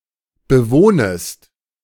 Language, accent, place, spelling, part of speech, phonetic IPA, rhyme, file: German, Germany, Berlin, bewohnest, verb, [bəˈvoːnəst], -oːnəst, De-bewohnest.ogg
- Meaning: second-person singular subjunctive I of bewohnen